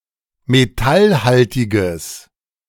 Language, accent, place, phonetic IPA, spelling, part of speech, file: German, Germany, Berlin, [meˈtalˌhaltɪɡəs], metallhaltiges, adjective, De-metallhaltiges.ogg
- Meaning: strong/mixed nominative/accusative neuter singular of metallhaltig